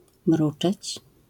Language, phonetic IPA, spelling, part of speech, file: Polish, [ˈmrut͡ʃɛt͡ɕ], mruczeć, verb, LL-Q809 (pol)-mruczeć.wav